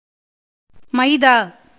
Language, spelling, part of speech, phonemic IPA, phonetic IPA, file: Tamil, மைதா, noun, /mɐɪ̯d̪ɑː/, [mɐɪ̯d̪äː], Ta-மைதா.ogg
- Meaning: maida, pastry flour